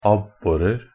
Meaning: indefinite plural of abbor
- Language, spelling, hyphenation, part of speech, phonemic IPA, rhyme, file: Norwegian Bokmål, abborer, ab‧bo‧rer, noun, /ˈabːɔrər/, -ər, NB - Pronunciation of Norwegian Bokmål «abborer».ogg